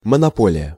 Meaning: 1. monopoly (various senses) 2. exclusive domain 3. a government liquor store
- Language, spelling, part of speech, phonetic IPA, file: Russian, монополия, noun, [mənɐˈpolʲɪjə], Ru-монополия.ogg